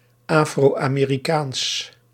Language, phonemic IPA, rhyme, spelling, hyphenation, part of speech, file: Dutch, /ˌaː.froː.aː.meː.riˈkaːns/, -aːns, Afro-Amerikaans, Afro-Ame‧ri‧kaans, adjective, Nl-Afro-Amerikaans.ogg
- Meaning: Afro-American, pertaining to Afro-Americans